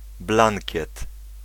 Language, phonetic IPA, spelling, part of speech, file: Polish, [ˈblãŋʲcɛt], blankiet, noun, Pl-blankiet.ogg